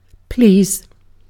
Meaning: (verb) 1. To make happy or satisfy; to give pleasure to 2. To desire; to will; to be pleased by; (adverb) Used to make a polite request; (interjection) Used as an affirmative to an offer
- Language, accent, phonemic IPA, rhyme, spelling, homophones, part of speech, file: English, UK, /pliːz/, -iːz, please, pleas, verb / adverb / interjection, En-uk-please.ogg